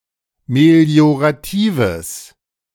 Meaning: strong/mixed nominative/accusative neuter singular of meliorativ
- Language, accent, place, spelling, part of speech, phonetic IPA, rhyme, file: German, Germany, Berlin, melioratives, adjective, [meli̯oʁaˈtiːvəs], -iːvəs, De-melioratives.ogg